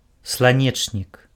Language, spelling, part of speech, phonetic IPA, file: Belarusian, сланечнік, noun, [sɫaˈnʲet͡ʂnʲik], Be-сланечнік.ogg
- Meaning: sunflower (Helianthus annuus)